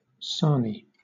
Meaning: 1. A sandwich 2. The Sandwich tern
- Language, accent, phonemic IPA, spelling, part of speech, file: English, Southern England, /ˈsɑːni/, sarnie, noun, LL-Q1860 (eng)-sarnie.wav